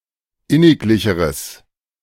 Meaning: strong/mixed nominative/accusative neuter singular comparative degree of inniglich
- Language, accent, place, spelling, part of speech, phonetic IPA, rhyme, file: German, Germany, Berlin, inniglicheres, adjective, [ˈɪnɪkˌlɪçəʁəs], -ɪnɪklɪçəʁəs, De-inniglicheres.ogg